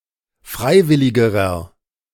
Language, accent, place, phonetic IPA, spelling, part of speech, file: German, Germany, Berlin, [ˈfʁaɪ̯ˌvɪlɪɡəʁɐ], freiwilligerer, adjective, De-freiwilligerer.ogg
- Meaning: inflection of freiwillig: 1. strong/mixed nominative masculine singular comparative degree 2. strong genitive/dative feminine singular comparative degree 3. strong genitive plural comparative degree